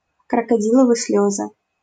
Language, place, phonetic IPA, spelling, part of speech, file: Russian, Saint Petersburg, [krəkɐˈdʲiɫəvɨ ˈs⁽ʲ⁾lʲɵzɨ], крокодиловы слёзы, noun, LL-Q7737 (rus)-крокодиловы слёзы.wav
- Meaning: crocodile tears